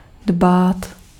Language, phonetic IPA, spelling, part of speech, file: Czech, [ˈdbaːt], dbát, verb, Cs-dbát.ogg
- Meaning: to take into account, to heed, to mind